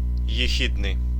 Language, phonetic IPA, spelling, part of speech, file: Russian, [(j)ɪˈxʲidnɨj], ехидный, adjective, Ru-ехидный.ogg
- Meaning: malicious, spiteful, insidious, venomous